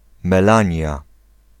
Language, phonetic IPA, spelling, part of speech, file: Polish, [mɛˈlãɲja], Melania, proper noun, Pl-Melania.ogg